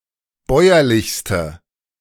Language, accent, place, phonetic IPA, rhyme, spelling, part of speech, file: German, Germany, Berlin, [ˈbɔɪ̯ɐlɪçstə], -ɔɪ̯ɐlɪçstə, bäuerlichste, adjective, De-bäuerlichste.ogg
- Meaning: inflection of bäuerlich: 1. strong/mixed nominative/accusative feminine singular superlative degree 2. strong nominative/accusative plural superlative degree